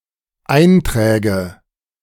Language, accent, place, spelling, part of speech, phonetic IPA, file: German, Germany, Berlin, Einträge, noun, [ˈaɪ̯ntʁɛːɡə], De-Einträge.ogg
- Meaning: nominative/accusative/genitive plural of Eintrag